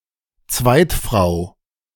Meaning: second wife
- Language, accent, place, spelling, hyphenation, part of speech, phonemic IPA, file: German, Germany, Berlin, Zweitfrau, Zweit‧frau, noun, /ˈt͡svaɪ̯tˌfʁaʊ̯/, De-Zweitfrau.ogg